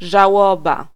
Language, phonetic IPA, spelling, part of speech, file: Polish, [ʒaˈwɔba], żałoba, noun, Pl-żałoba.ogg